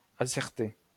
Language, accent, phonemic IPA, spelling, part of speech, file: French, France, /a.sɛʁ.te/, asserter, verb, LL-Q150 (fra)-asserter.wav
- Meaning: to assert